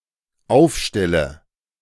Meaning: inflection of aufstellen: 1. first-person singular dependent present 2. first/third-person singular dependent subjunctive I
- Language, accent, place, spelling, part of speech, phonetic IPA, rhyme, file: German, Germany, Berlin, aufstelle, verb, [ˈaʊ̯fˌʃtɛlə], -aʊ̯fʃtɛlə, De-aufstelle.ogg